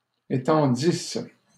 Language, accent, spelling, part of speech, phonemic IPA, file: French, Canada, étendisse, verb, /e.tɑ̃.dis/, LL-Q150 (fra)-étendisse.wav
- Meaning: first-person singular imperfect subjunctive of étendre